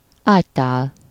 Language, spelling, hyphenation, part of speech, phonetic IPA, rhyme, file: Hungarian, ágytál, ágy‧tál, noun, [ˈaːctaːl], -aːl, Hu-ágytál.ogg
- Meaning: bedpan (a chamber pot used while still in bed)